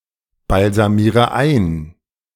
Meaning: inflection of einbalsamieren: 1. first-person singular present 2. first/third-person singular subjunctive I 3. singular imperative
- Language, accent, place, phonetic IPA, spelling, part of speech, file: German, Germany, Berlin, [balzaˌmiːʁə ˈaɪ̯n], balsamiere ein, verb, De-balsamiere ein.ogg